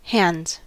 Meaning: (noun) plural of hand; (verb) third-person singular simple present indicative of hand
- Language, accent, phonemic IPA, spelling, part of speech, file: English, General American, /hæn(d)z/, hands, noun / verb, En-us-hands.ogg